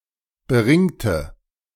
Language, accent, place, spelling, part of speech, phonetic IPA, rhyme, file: German, Germany, Berlin, beringte, adjective / verb, [bəˈʁɪŋtə], -ɪŋtə, De-beringte.ogg
- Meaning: inflection of beringt: 1. strong/mixed nominative/accusative feminine singular 2. strong nominative/accusative plural 3. weak nominative all-gender singular 4. weak accusative feminine/neuter singular